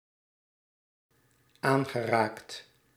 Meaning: past participle of aanraken
- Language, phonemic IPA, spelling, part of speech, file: Dutch, /ˈaŋɣəˌrakt/, aangeraakt, verb, Nl-aangeraakt.ogg